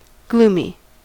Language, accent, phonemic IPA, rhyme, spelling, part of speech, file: English, General American, /ˈɡlumi/, -uːmi, gloomy, adjective / noun, En-us-gloomy.ogg
- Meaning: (adjective) 1. Not very illuminated; dim because of darkness, especially when appearing depressing or frightening 2. Suffering from gloom; melancholy; dejected